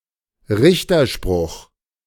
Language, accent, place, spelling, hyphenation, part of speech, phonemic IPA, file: German, Germany, Berlin, Richterspruch, Rich‧ter‧spruch, noun, /ˈʁɪçtɐˌʃpʁʊx/, De-Richterspruch.ogg
- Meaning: sentence